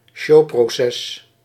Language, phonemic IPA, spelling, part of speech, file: Dutch, /ˈʃo.pro.sɛs/, showproces, noun, Nl-showproces.ogg
- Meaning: show trial